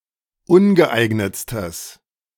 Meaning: strong/mixed nominative/accusative neuter singular superlative degree of ungeeignet
- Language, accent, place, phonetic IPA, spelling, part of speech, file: German, Germany, Berlin, [ˈʊnɡəˌʔaɪ̯ɡnət͡stəs], ungeeignetstes, adjective, De-ungeeignetstes.ogg